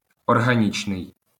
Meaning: organic
- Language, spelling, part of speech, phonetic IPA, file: Ukrainian, органічний, adjective, [ɔrɦɐˈnʲit͡ʃnei̯], LL-Q8798 (ukr)-органічний.wav